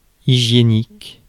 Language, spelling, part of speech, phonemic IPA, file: French, hygiénique, adjective, /i.ʒje.nik/, Fr-hygiénique.ogg
- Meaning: hygienic